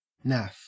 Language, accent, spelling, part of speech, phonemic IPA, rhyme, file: English, Australia, naff, adjective, /næf/, -æf, En-au-naff.ogg
- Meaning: 1. Bad; tasteless, poorly thought out, not workable; tacky 2. Heterosexual